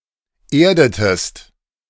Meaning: inflection of erden: 1. second-person singular preterite 2. second-person singular subjunctive II
- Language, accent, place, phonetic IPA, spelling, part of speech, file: German, Germany, Berlin, [ˈeːɐ̯dətəst], erdetest, verb, De-erdetest.ogg